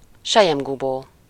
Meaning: silk cocoon
- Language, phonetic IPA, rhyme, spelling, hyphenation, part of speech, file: Hungarian, [ˈʃɛjɛmɡuboː], -boː, selyemgubó, se‧lyem‧gu‧bó, noun, Hu-selyemgubó.ogg